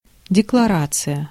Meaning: declaration
- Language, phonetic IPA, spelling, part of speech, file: Russian, [dʲɪkɫɐˈrat͡sɨjə], декларация, noun, Ru-декларация.ogg